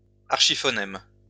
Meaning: archiphoneme
- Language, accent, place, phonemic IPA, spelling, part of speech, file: French, France, Lyon, /aʁ.ʃi.fɔ.nɛm/, archiphonème, noun, LL-Q150 (fra)-archiphonème.wav